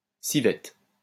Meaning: civet
- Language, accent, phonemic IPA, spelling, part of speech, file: French, France, /si.vɛt/, civette, noun, LL-Q150 (fra)-civette.wav